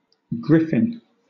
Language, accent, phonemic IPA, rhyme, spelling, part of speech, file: English, Southern England, /ˈɡɹɪf.ɪn/, -ɪfɪn, griffin, noun, LL-Q1860 (eng)-griffin.wav
- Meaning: A mythical creature with the body of a lion and head and wings of an eagle